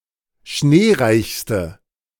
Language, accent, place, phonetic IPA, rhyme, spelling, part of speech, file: German, Germany, Berlin, [ˈʃneːˌʁaɪ̯çstə], -eːʁaɪ̯çstə, schneereichste, adjective, De-schneereichste.ogg
- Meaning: inflection of schneereich: 1. strong/mixed nominative/accusative feminine singular superlative degree 2. strong nominative/accusative plural superlative degree